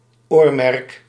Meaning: 1. earmark 2. aim, goal
- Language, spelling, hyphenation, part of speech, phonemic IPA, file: Dutch, oormerk, oor‧merk, noun, /ˈoːr.mɛrk/, Nl-oormerk.ogg